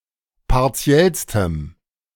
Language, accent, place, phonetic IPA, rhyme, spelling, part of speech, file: German, Germany, Berlin, [paʁˈt͡si̯ɛlstəm], -ɛlstəm, partiellstem, adjective, De-partiellstem.ogg
- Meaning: strong dative masculine/neuter singular superlative degree of partiell